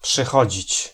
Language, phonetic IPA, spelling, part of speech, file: Polish, [pʃɨˈxɔd͡ʑit͡ɕ], przychodzić, verb, Pl-przychodzić.ogg